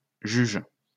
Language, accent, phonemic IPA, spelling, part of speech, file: French, France, /ʒyʒ/, juges, noun / verb, LL-Q150 (fra)-juges.wav
- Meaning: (noun) plural of juge; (verb) second-person singular present indicative/subjunctive of juger